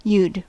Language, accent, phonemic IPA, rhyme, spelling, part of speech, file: English, US, /jud/, -uːd, you'd, contraction, En-us-you'd.ogg
- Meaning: 1. Contraction of you + had 2. Contraction of you + would